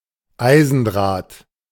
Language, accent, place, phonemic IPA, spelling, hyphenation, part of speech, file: German, Germany, Berlin, /ˈaɪ̯zn̩ˌdʁaːt/, Eisendraht, Ei‧sen‧draht, noun, De-Eisendraht.ogg
- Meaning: iron wire